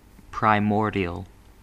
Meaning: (adjective) 1. First, earliest or original 2. Characteristic of the earliest stage of the development of an organism, or relating to a primordium 3. Primeval
- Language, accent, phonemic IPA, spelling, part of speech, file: English, US, /pɹaɪˈmɔɹ.di.əl/, primordial, adjective / noun, En-us-primordial.ogg